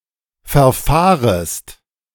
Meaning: second-person singular subjunctive I of verfahren
- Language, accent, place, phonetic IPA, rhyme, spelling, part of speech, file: German, Germany, Berlin, [fɛɐ̯ˈfaːʁəst], -aːʁəst, verfahrest, verb, De-verfahrest.ogg